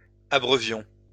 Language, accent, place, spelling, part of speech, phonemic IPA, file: French, France, Lyon, abreuvions, verb, /a.bʁœ.vjɔ̃/, LL-Q150 (fra)-abreuvions.wav
- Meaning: inflection of abreuver: 1. first-person plural imperfect indicative 2. first-person plural present subjunctive